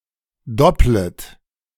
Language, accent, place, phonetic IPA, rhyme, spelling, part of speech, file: German, Germany, Berlin, [ˈdɔplət], -ɔplət, dopplet, verb, De-dopplet.ogg
- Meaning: second-person plural subjunctive I of doppeln